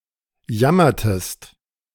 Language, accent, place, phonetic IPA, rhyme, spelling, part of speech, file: German, Germany, Berlin, [ˈjamɐtəst], -amɐtəst, jammertest, verb, De-jammertest.ogg
- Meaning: inflection of jammern: 1. second-person singular preterite 2. second-person singular subjunctive II